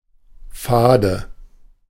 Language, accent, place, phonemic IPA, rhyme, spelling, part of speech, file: German, Germany, Berlin, /ˈfaːdə/, -aːdə, fade, adjective, De-fade.ogg
- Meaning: 1. bland, flavorless, stale, boring 2. flat (of carbonated beverages)